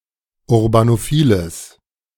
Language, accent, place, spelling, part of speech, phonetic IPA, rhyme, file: German, Germany, Berlin, urbanophiles, adjective, [ʊʁbanoˈfiːləs], -iːləs, De-urbanophiles.ogg
- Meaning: strong/mixed nominative/accusative neuter singular of urbanophil